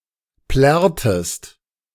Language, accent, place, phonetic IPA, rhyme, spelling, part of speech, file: German, Germany, Berlin, [ˈplɛʁtəst], -ɛʁtəst, plärrtest, verb, De-plärrtest.ogg
- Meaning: inflection of plärren: 1. second-person singular preterite 2. second-person singular subjunctive II